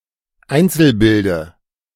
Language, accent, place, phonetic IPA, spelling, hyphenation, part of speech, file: German, Germany, Berlin, [ˈaɪ̯nt͡sl̩̩ˌbɪldə], Einzelbilde, Ein‧zel‧bil‧de, noun, De-Einzelbilde.ogg
- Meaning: dative singular of Einzelbild